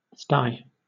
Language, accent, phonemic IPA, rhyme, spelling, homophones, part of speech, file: English, Southern England, /staɪ/, -aɪ, sty, stye, noun / verb, LL-Q1860 (eng)-sty.wav
- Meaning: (noun) 1. A pen or enclosure for swine 2. A messy, dirty or debauched place; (verb) 1. To place in, or as if in, a sty 2. To live in a sty, or any messy or dirty place 3. To ascend, rise up, climb